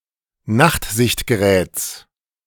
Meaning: genitive singular of Nachtsichtgerät
- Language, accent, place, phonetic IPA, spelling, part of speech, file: German, Germany, Berlin, [ˈnaxtzɪçtɡəˌʁɛːt͡s], Nachtsichtgeräts, noun, De-Nachtsichtgeräts.ogg